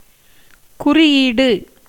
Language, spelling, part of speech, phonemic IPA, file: Tamil, குறியீடு, noun, /kʊrɪjiːɖɯ/, Ta-குறியீடு.ogg
- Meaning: symbol, mark